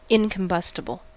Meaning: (adjective) Not capable of catching fire and burning; not flammable; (noun) An incombustible substance
- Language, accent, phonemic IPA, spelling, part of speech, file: English, US, /ˌɪŋkəmˈbʌstɪbəl/, incombustible, adjective / noun, En-us-incombustible.ogg